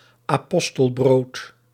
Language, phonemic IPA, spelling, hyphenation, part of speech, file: Dutch, /aːˈpɔs.təlˌbroːt/, apostelbrood, apos‧tel‧brood, noun, Nl-apostelbrood.ogg
- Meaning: 1. a piece of white bread distributed to the poor on Holy Thursday 2. a large lump of cervelat or salami coated in pepper and other spices